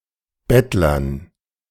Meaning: dative plural of Bettler
- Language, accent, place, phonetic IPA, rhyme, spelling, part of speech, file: German, Germany, Berlin, [ˈbɛtlɐn], -ɛtlɐn, Bettlern, noun, De-Bettlern.ogg